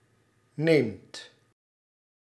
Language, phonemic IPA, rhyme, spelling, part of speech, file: Dutch, /neːmt/, -eːmt, neemt, verb, Nl-neemt.ogg
- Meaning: inflection of nemen: 1. second/third-person singular present indicative 2. plural imperative